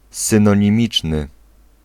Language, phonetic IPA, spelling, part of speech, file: Polish, [ˌsɨ̃nɔ̃ɲĩˈmʲit͡ʃnɨ], synonimiczny, adjective, Pl-synonimiczny.ogg